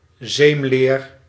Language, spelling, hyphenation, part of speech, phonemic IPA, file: Dutch, zeemleer, zeem‧leer, noun, /ˈzeːm.leːr/, Nl-zeemleer.ogg
- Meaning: 1. chamois leather, wash-leather 2. a cloth of chamois leather used for cleaning